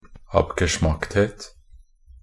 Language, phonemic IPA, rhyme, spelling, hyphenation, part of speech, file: Norwegian Bokmål, /apɡəˈʃmaktheːt/, -eːt, abgeschmackthet, ab‧ge‧schmackt‧het, noun, Nb-abgeschmackthet.ogg
- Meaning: tastelessness (the quality, state, or characteristic of being tasteless)